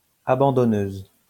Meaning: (adjective) feminine singular of abandonneur; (noun) female equivalent of abandonneur
- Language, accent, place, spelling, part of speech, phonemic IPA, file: French, France, Lyon, abandonneuse, adjective / noun, /a.bɑ̃.dɔ.nøz/, LL-Q150 (fra)-abandonneuse.wav